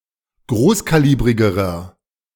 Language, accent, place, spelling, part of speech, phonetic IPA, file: German, Germany, Berlin, großkalibrigerer, adjective, [ˈɡʁoːskaˌliːbʁɪɡəʁɐ], De-großkalibrigerer.ogg
- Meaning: inflection of großkalibrig: 1. strong/mixed nominative masculine singular comparative degree 2. strong genitive/dative feminine singular comparative degree 3. strong genitive plural comparative degree